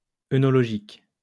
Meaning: oenological
- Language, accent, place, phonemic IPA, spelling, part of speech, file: French, France, Lyon, /e.nɔ.lɔ.ʒik/, œnologique, adjective, LL-Q150 (fra)-œnologique.wav